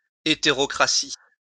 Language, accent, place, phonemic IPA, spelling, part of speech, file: French, France, Lyon, /e.te.ʁɔ.kʁa.si/, hétérocratie, noun, LL-Q150 (fra)-hétérocratie.wav
- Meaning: heterocracy (all senses)